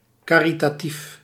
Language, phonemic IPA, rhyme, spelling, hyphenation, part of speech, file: Dutch, /ˌkaː.ri.taːˈtif/, -if, caritatief, ca‧ri‧ta‧tief, adjective, Nl-caritatief.ogg
- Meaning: uncommon form of charitatief